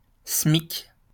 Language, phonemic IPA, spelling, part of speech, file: French, /smik/, SMIC, noun, LL-Q150 (fra)-SMIC.wav
- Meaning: the minimum wage in France